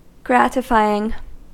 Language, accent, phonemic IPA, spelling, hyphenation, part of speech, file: English, US, /ˈɡrætɪfaɪ.ɪŋ/, gratifying, grat‧i‧fy‧ing, verb / adjective, En-us-gratifying.ogg
- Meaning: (verb) present participle and gerund of gratify; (adjective) Pleasing, satisfying